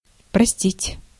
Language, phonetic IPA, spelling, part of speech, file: Russian, [prɐˈsʲtʲitʲ], простить, verb, Ru-простить.ogg
- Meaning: to excuse, to forgive, to pardon